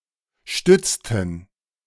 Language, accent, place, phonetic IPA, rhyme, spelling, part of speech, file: German, Germany, Berlin, [ˈʃtʏt͡stn̩], -ʏt͡stn̩, stützten, verb, De-stützten.ogg
- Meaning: inflection of stützen: 1. first/third-person plural preterite 2. first/third-person plural subjunctive II